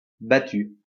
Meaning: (noun) 1. battue; the beating of bushes to force out the game 2. hunt, search; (verb) feminine singular of battu
- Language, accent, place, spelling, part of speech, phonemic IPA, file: French, France, Lyon, battue, noun / verb, /ba.ty/, LL-Q150 (fra)-battue.wav